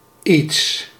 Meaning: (pronoun) 1. something 2. anything; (adverb) a little, somewhat
- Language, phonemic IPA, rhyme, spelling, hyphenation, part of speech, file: Dutch, /its/, -its, iets, iets, pronoun / adverb, Nl-iets.ogg